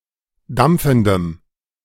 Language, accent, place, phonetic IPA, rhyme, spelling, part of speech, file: German, Germany, Berlin, [ˈdamp͡fn̩dəm], -amp͡fn̩dəm, dampfendem, adjective, De-dampfendem.ogg
- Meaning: strong dative masculine/neuter singular of dampfend